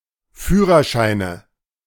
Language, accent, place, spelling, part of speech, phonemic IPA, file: German, Germany, Berlin, Führerscheine, noun, /ˈfyːʁɐˌʃaɪ̯nə/, De-Führerscheine.ogg
- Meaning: nominative/accusative/genitive plural of Führerschein